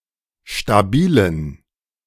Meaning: inflection of stabil: 1. strong genitive masculine/neuter singular 2. weak/mixed genitive/dative all-gender singular 3. strong/weak/mixed accusative masculine singular 4. strong dative plural
- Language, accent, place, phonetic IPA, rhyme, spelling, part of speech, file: German, Germany, Berlin, [ʃtaˈbiːlən], -iːlən, stabilen, adjective, De-stabilen.ogg